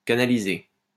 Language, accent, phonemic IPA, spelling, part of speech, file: French, France, /ka.na.li.ze/, canaliser, verb, LL-Q150 (fra)-canaliser.wav
- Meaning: 1. to channel; to canalise (to direct the flow) 2. to canalise (to render into a canal) 3. to channel (to direct one's efforts)